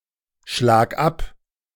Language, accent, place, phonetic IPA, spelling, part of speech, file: German, Germany, Berlin, [ˌʃlaːk ˈap], schlag ab, verb, De-schlag ab.ogg
- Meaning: singular imperative of abschlagen